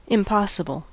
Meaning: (adjective) 1. Not possible; not able to be done or happen 2. Very difficult to deal with 3. imaginary; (noun) 1. An impossibility 2. A skateboard trick consisting of a backflip performed in midair
- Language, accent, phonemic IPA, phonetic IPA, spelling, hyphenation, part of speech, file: English, US, /ɪmˈpɑ.sə.bəl/, [ɪmˈpɑ.sə.bl̩], impossible, im‧pos‧si‧ble, adjective / noun, En-us-impossible.ogg